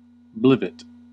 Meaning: 1. A gadget 2. Something useless or impossible
- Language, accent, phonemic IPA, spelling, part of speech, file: English, US, /ˈblɪv.ɪt/, blivit, noun, En-us-blivit.ogg